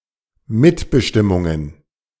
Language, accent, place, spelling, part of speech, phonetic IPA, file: German, Germany, Berlin, Mitbestimmungen, noun, [ˈmɪtbəʃtɪmʊŋən], De-Mitbestimmungen.ogg
- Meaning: plural of Mitbestimmung